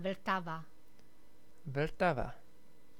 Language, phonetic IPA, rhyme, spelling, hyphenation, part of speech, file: Czech, [ˈvl̩tava], -ava, Vltava, Vl‧ta‧va, proper noun, Cs-Vltava.ogg
- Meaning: Vltava (a major river in the Czech Republic)